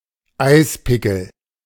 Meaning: ice axe
- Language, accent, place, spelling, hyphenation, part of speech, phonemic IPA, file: German, Germany, Berlin, Eispickel, Eis‧pi‧ckel, noun, /ˈaɪ̯sˌpɪkəl/, De-Eispickel.ogg